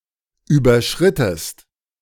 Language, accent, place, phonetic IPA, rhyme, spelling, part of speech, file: German, Germany, Berlin, [ˌyːbɐˈʃʁɪtəst], -ɪtəst, überschrittest, verb, De-überschrittest.ogg
- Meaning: inflection of überschreiten: 1. second-person singular preterite 2. second-person singular subjunctive II